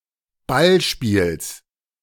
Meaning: genitive singular of Ballspiel
- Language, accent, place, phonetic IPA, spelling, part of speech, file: German, Germany, Berlin, [ˈbalˌʃpiːls], Ballspiels, noun, De-Ballspiels.ogg